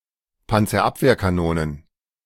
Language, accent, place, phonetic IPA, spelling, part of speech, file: German, Germany, Berlin, [ˌpant͡sɐˈʔapveːɐ̯kaˌnoːnən], Panzerabwehrkanonen, noun, De-Panzerabwehrkanonen.ogg
- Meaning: plural of Panzerabwehrkanone